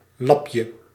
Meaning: diminutive of lap
- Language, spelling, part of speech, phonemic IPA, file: Dutch, lapje, noun, /ˈlɑpjə/, Nl-lapje.ogg